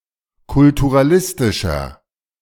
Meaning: inflection of kulturalistisch: 1. strong/mixed nominative masculine singular 2. strong genitive/dative feminine singular 3. strong genitive plural
- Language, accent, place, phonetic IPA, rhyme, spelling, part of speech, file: German, Germany, Berlin, [kʊltuʁaˈlɪstɪʃɐ], -ɪstɪʃɐ, kulturalistischer, adjective, De-kulturalistischer.ogg